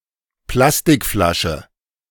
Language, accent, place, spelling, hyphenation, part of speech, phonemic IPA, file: German, Germany, Berlin, Plastikflasche, Plas‧tik‧fla‧sche, noun, /ˈplastɪkˌflaʃə/, De-Plastikflasche.ogg
- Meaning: plastic bottle